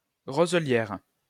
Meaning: a reed bed
- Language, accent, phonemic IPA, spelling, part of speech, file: French, France, /ʁo.zə.ljɛʁ/, roselière, noun, LL-Q150 (fra)-roselière.wav